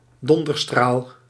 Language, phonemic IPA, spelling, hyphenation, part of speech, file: Dutch, /ˈdɔn.dərˌstraːl/, donderstraal, don‧der‧straal, noun, Nl-donderstraal.ogg
- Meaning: tomboy, rascal, troublemaker